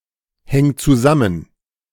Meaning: singular imperative of zusammenhängen
- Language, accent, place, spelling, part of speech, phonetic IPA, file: German, Germany, Berlin, häng zusammen, verb, [ˌhɛŋ t͡suˈzamən], De-häng zusammen.ogg